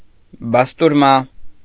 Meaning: bastirma, pastirma
- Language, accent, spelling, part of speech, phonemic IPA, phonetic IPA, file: Armenian, Eastern Armenian, բաստուրմա, noun, /bɑstuɾˈmɑ/, [bɑstuɾmɑ́], Hy-բաստուրմա .ogg